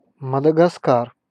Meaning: Madagascar (an island and country off the east coast of Africa)
- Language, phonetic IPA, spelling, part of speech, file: Russian, [mədəɡɐˈskar], Мадагаскар, proper noun, Ru-Мадагаскар.ogg